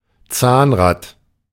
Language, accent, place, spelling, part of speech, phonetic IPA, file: German, Germany, Berlin, Zahnrad, noun, [ˈt͡saːnˌʁaːt], De-Zahnrad.ogg
- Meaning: gearwheel, cogwheel